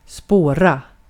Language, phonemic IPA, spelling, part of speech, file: Swedish, /spoːra/, spåra, verb, Sv-spåra.ogg
- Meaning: 1. to track, to trace (follow the (concrete or abstract) track or trail of someone/something) 2. to go off the rails, to go crazy (from spåra ur (“derail”))